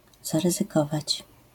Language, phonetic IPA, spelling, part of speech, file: Polish, [ˌzarɨzɨˈkɔvat͡ɕ], zaryzykować, verb, LL-Q809 (pol)-zaryzykować.wav